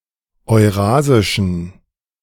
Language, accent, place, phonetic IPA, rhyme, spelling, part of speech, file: German, Germany, Berlin, [ɔɪ̯ˈʁaːzɪʃn̩], -aːzɪʃn̩, eurasischen, adjective, De-eurasischen.ogg
- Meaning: inflection of eurasisch: 1. strong genitive masculine/neuter singular 2. weak/mixed genitive/dative all-gender singular 3. strong/weak/mixed accusative masculine singular 4. strong dative plural